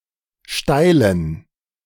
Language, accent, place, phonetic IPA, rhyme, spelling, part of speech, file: German, Germany, Berlin, [ˈʃtaɪ̯lən], -aɪ̯lən, steilen, adjective, De-steilen.ogg
- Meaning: inflection of steil: 1. strong genitive masculine/neuter singular 2. weak/mixed genitive/dative all-gender singular 3. strong/weak/mixed accusative masculine singular 4. strong dative plural